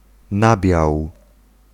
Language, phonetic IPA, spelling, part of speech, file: Polish, [ˈnabʲjaw], nabiał, noun, Pl-nabiał.ogg